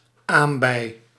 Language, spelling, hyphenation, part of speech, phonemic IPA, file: Dutch, aambei, aam‧bei, noun, /ˈaːm.bɛi̯/, Nl-aambei.ogg
- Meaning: piles, haemorrhoids, hemorrhoids